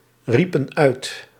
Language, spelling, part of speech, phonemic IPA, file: Dutch, riepen uit, verb, /ˈripə(n) ˈœyt/, Nl-riepen uit.ogg
- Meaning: inflection of uitroepen: 1. plural past indicative 2. plural past subjunctive